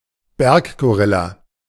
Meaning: mountain gorilla (Gorilla beringei beringei)
- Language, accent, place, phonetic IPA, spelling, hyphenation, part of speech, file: German, Germany, Berlin, [ˈbɛʁkɡoˌʁɪla], Berggorilla, Berg‧go‧ril‧la, noun, De-Berggorilla.ogg